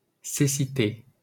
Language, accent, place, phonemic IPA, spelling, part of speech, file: French, France, Paris, /se.si.te/, cécité, noun, LL-Q150 (fra)-cécité.wav
- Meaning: blindness (condition of being blind)